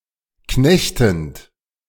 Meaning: present participle of knechten
- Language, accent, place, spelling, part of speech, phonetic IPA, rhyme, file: German, Germany, Berlin, knechtend, verb, [ˈknɛçtn̩t], -ɛçtn̩t, De-knechtend.ogg